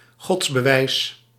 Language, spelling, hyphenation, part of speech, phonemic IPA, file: Dutch, godsbewijs, gods‧be‧wijs, noun, /ˈɣɔts.bəˌʋɛi̯s/, Nl-godsbewijs.ogg
- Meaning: proof of God; demonstration purporting to prove the existence of God